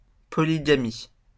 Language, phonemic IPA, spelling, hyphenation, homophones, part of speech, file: French, /pɔ.li.ɡa.mi/, polygamie, po‧ly‧ga‧mie, polygamies, noun, LL-Q150 (fra)-polygamie.wav
- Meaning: polygamy